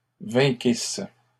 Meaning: second-person singular imperfect subjunctive of vaincre
- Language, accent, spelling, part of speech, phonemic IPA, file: French, Canada, vainquisses, verb, /vɛ̃.kis/, LL-Q150 (fra)-vainquisses.wav